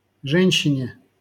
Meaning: dative/prepositional singular of же́нщина (žénščina)
- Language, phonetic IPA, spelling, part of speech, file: Russian, [ˈʐɛnʲɕːɪnʲe], женщине, noun, LL-Q7737 (rus)-женщине.wav